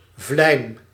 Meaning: a scalpel (sharp small knife with single 3-5 cm long cutting surface as used for surgery)
- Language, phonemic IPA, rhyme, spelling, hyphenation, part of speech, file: Dutch, /vlɛi̯m/, -ɛi̯m, vlijm, vlijm, noun, Nl-vlijm.ogg